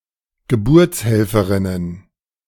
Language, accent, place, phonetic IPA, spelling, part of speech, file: German, Germany, Berlin, [ɡəˈbʊʁt͡sˌhɛlfəʁɪnən], Geburtshelferinnen, noun, De-Geburtshelferinnen.ogg
- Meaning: plural of Geburtshelferin